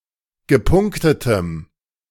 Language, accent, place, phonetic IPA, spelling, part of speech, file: German, Germany, Berlin, [ɡəˈpʊŋktətəm], gepunktetem, adjective, De-gepunktetem.ogg
- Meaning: strong dative masculine/neuter singular of gepunktet